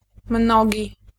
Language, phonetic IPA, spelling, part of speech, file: Polish, [ˈmnɔɟi], mnogi, adjective, Pl-mnogi.ogg